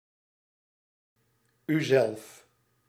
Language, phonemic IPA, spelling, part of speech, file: Dutch, /yˈzɛlf/, uzelf, pronoun, Nl-uzelf.ogg
- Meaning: yourself